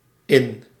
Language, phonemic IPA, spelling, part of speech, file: Dutch, /ɪn/, -in, suffix, Nl--in.ogg
- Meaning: Forms nouns for the female counterpart of something